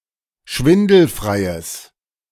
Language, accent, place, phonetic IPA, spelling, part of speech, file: German, Germany, Berlin, [ˈʃvɪndl̩fʁaɪ̯əs], schwindelfreies, adjective, De-schwindelfreies.ogg
- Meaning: strong/mixed nominative/accusative neuter singular of schwindelfrei